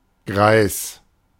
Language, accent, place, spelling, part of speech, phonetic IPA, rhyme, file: German, Germany, Berlin, Greis, noun, [ɡʀaɪ̯s], -aɪ̯s, De-Greis.ogg
- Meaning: old person, old man